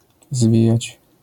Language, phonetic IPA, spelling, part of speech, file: Polish, [ˈzvʲijät͡ɕ], zwijać, verb, LL-Q809 (pol)-zwijać.wav